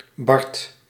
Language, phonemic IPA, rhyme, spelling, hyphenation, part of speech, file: Dutch, /bɑrt/, -ɑrt, bard, bard, noun, Nl-bard.ogg
- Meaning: bard, Celtic poet, singer